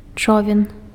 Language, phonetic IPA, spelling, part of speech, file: Belarusian, [ˈt͡ʂovʲen], човен, noun, Be-човен.ogg
- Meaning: canoe, boat